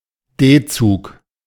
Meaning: abbreviation of Durchgangszug
- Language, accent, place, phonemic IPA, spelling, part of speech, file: German, Germany, Berlin, /ˈdeːˌt͡suːk/, D-Zug, noun, De-D-Zug.ogg